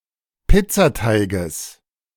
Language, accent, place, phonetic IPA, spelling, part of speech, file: German, Germany, Berlin, [ˈpɪt͡saˌtaɪ̯ɡəs], Pizzateiges, noun, De-Pizzateiges.ogg
- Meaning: genitive singular of Pizzateig